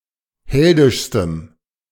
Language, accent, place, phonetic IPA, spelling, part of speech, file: German, Germany, Berlin, [ˈhɛldɪʃstəm], heldischstem, adjective, De-heldischstem.ogg
- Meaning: strong dative masculine/neuter singular superlative degree of heldisch